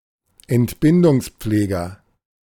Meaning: midwife (male or of unspecified gender)
- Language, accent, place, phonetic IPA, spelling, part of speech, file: German, Germany, Berlin, [ɛntˈbɪndʊŋsˌp͡fleːɡɐ], Entbindungspfleger, noun, De-Entbindungspfleger.ogg